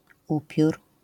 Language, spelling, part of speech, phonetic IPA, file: Polish, upiór, noun, [ˈupʲjur], LL-Q809 (pol)-upiór.wav